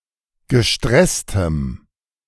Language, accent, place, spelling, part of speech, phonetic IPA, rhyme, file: German, Germany, Berlin, gestresstem, adjective, [ɡəˈʃtʁɛstəm], -ɛstəm, De-gestresstem.ogg
- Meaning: strong dative masculine/neuter singular of gestresst